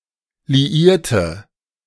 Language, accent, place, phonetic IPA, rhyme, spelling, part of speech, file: German, Germany, Berlin, [liˈiːɐ̯tə], -iːɐ̯tə, liierte, adjective / verb, De-liierte.ogg
- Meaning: inflection of liieren: 1. first/third-person singular preterite 2. first/third-person singular subjunctive II